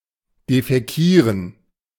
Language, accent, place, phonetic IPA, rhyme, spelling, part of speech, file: German, Germany, Berlin, [defɛˈkiːʁən], -iːʁən, defäkieren, verb, De-defäkieren.ogg
- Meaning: to defecate